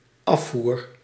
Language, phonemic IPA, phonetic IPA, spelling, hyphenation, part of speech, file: Dutch, /ˈɑf.vur/, [ˈɑ.fuːr], afvoer, af‧voer, noun / verb, Nl-afvoer.ogg
- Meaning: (noun) 1. drain 2. drainpipe; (verb) first-person singular dependent-clause present indicative of afvoeren